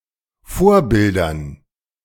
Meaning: dative plural of Vorbild
- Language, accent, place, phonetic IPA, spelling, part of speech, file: German, Germany, Berlin, [ˈfoːɐ̯ˌbɪldɐn], Vorbildern, noun, De-Vorbildern.ogg